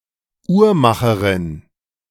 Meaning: female equivalent of Uhrmacher: female clockmaker/watchmaker/horologist
- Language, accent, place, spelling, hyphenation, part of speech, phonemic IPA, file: German, Germany, Berlin, Uhrmacherin, Uhr‧ma‧che‧rin, noun, /ˈuːɐˌmaχɐʁɪn/, De-Uhrmacherin.ogg